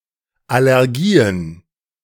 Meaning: plural of Allergie
- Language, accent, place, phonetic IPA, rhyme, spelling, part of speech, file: German, Germany, Berlin, [ˌalɛʁˈɡiːən], -iːən, Allergien, noun, De-Allergien.ogg